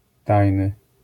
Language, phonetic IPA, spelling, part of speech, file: Polish, [ˈtajnɨ], tajny, adjective, LL-Q809 (pol)-tajny.wav